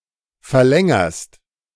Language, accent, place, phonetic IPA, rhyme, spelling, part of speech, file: German, Germany, Berlin, [fɛɐ̯ˈlɛŋɐst], -ɛŋɐst, verlängerst, verb, De-verlängerst.ogg
- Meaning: second-person singular present of verlängern